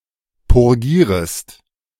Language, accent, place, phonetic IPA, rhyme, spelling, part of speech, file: German, Germany, Berlin, [pʊʁˈɡiːʁəst], -iːʁəst, purgierest, verb, De-purgierest.ogg
- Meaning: second-person singular subjunctive I of purgieren